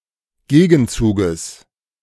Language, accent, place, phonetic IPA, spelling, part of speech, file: German, Germany, Berlin, [ˈɡeːɡn̩ˌt͡suːɡəs], Gegenzuges, noun, De-Gegenzuges.ogg
- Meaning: genitive singular of Gegenzug